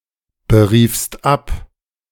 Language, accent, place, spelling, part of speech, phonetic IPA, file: German, Germany, Berlin, beriefst ab, verb, [bəˌʁiːfst ˈap], De-beriefst ab.ogg
- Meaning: second-person singular preterite of abberufen